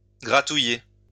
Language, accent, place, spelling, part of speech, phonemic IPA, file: French, France, Lyon, grattouiller, verb, /ɡʁa.tu.je/, LL-Q150 (fra)-grattouiller.wav
- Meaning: to itch, scratch